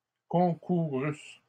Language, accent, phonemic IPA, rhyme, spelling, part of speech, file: French, Canada, /kɔ̃.ku.ʁys/, -ys, concourusses, verb, LL-Q150 (fra)-concourusses.wav
- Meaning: second-person singular imperfect subjunctive of concourir